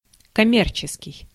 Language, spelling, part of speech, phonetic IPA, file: Russian, коммерческий, adjective, [kɐˈmʲ(ː)ert͡ɕɪskʲɪj], Ru-коммерческий.ogg
- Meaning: commercial